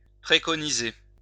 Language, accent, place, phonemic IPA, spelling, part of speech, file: French, France, Lyon, /pʁe.kɔ.ni.ze/, préconiser, verb, LL-Q150 (fra)-préconiser.wav
- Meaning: 1. to recommend, advocate 2. to preconise (to announce the appointment of a bishop)